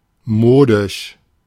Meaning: fashionable
- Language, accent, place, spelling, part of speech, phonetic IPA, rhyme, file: German, Germany, Berlin, modisch, adjective, [ˈmoːdɪʃ], -oːdɪʃ, De-modisch.ogg